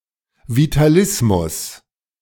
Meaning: vitalism
- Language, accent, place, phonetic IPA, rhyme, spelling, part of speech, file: German, Germany, Berlin, [vitaˈlɪsmʊs], -ɪsmʊs, Vitalismus, noun, De-Vitalismus.ogg